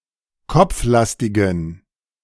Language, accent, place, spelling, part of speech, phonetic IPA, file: German, Germany, Berlin, kopflastigen, adjective, [ˈkɔp͡fˌlastɪɡn̩], De-kopflastigen.ogg
- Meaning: inflection of kopflastig: 1. strong genitive masculine/neuter singular 2. weak/mixed genitive/dative all-gender singular 3. strong/weak/mixed accusative masculine singular 4. strong dative plural